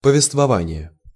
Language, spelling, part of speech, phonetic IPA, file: Russian, повествование, noun, [pəvʲɪstvɐˈvanʲɪje], Ru-повествование.ogg
- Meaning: narration, narrative